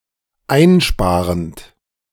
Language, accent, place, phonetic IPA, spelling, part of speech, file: German, Germany, Berlin, [ˈaɪ̯nˌʃpaːʁənt], einsparend, verb, De-einsparend.ogg
- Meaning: present participle of einsparen